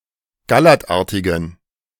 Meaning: inflection of gallertartig: 1. strong genitive masculine/neuter singular 2. weak/mixed genitive/dative all-gender singular 3. strong/weak/mixed accusative masculine singular 4. strong dative plural
- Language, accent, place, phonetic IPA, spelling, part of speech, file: German, Germany, Berlin, [ɡaˈlɛʁtˌʔaʁtɪɡn̩], gallertartigen, adjective, De-gallertartigen.ogg